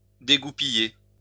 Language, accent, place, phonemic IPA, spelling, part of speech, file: French, France, Lyon, /de.ɡu.pi.je/, dégoupiller, verb, LL-Q150 (fra)-dégoupiller.wav
- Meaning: to unpin